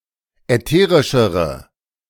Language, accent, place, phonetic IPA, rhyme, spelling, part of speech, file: German, Germany, Berlin, [ɛˈteːʁɪʃəʁə], -eːʁɪʃəʁə, ätherischere, adjective, De-ätherischere.ogg
- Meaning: inflection of ätherisch: 1. strong/mixed nominative/accusative feminine singular comparative degree 2. strong nominative/accusative plural comparative degree